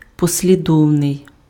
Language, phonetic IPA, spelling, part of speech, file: Ukrainian, [pɔsʲlʲiˈdɔu̯nei̯], послідовний, adjective, Uk-послідовний.ogg
- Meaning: 1. consecutive, sequential, successive 2. consequent 3. consistent